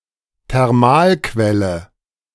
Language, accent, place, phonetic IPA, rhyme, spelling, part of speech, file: German, Germany, Berlin, [tɛʁˈmaːlˌkvɛlə], -aːlkvɛlə, Thermalquelle, noun, De-Thermalquelle.ogg
- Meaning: hot spring